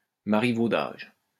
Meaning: marivaudage
- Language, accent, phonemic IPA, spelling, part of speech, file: French, France, /ma.ʁi.vo.daʒ/, marivaudage, noun, LL-Q150 (fra)-marivaudage.wav